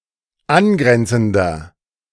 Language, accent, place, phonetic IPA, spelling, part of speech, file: German, Germany, Berlin, [ˈanˌɡʁɛnt͡sn̩dɐ], angrenzender, adjective, De-angrenzender.ogg
- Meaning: inflection of angrenzend: 1. strong/mixed nominative masculine singular 2. strong genitive/dative feminine singular 3. strong genitive plural